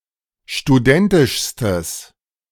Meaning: strong/mixed nominative/accusative neuter singular superlative degree of studentisch
- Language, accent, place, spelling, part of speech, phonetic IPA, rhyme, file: German, Germany, Berlin, studentischstes, adjective, [ʃtuˈdɛntɪʃstəs], -ɛntɪʃstəs, De-studentischstes.ogg